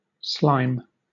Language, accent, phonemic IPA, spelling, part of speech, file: English, Southern England, /slaɪm/, slime, noun / verb, LL-Q1860 (eng)-slime.wav